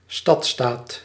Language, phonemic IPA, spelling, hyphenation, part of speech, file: Dutch, /ˈstɑt.staːt/, stadstaat, stad‧staat, noun, Nl-stadstaat.ogg
- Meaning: city state